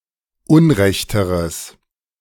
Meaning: strong/mixed nominative/accusative neuter singular comparative degree of unrecht
- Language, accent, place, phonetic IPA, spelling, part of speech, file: German, Germany, Berlin, [ˈʊnˌʁɛçtəʁəs], unrechteres, adjective, De-unrechteres.ogg